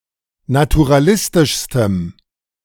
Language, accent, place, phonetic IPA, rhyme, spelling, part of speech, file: German, Germany, Berlin, [natuʁaˈlɪstɪʃstəm], -ɪstɪʃstəm, naturalistischstem, adjective, De-naturalistischstem.ogg
- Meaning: strong dative masculine/neuter singular superlative degree of naturalistisch